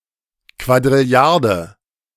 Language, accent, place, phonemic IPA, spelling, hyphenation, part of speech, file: German, Germany, Berlin, /kvadʁɪˈli̯aʁdə/, Quadrilliarde, Qua‧d‧ril‧li‧ar‧de, numeral, De-Quadrilliarde.ogg
- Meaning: octillion (10²⁷)